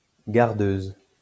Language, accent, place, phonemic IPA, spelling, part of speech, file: French, France, Lyon, /ɡaʁ.døz/, gardeuse, noun, LL-Q150 (fra)-gardeuse.wav
- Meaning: female equivalent of gardeur